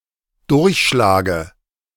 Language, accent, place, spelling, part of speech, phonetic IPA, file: German, Germany, Berlin, Durchschlage, noun, [ˈdʊʁçˌʃlaːɡə], De-Durchschlage.ogg
- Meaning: dative singular of Durchschlag